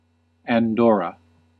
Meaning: A microstate in Southern Europe, between Spain and France. Official name: Principality of Andorra. Capital and largest city: Andorra la Vella
- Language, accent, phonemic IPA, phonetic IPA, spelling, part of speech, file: English, US, /ænˈdoɹ.ə/, [ænˈdo̞ɹ.ə], Andorra, proper noun, En-us-Andorra.ogg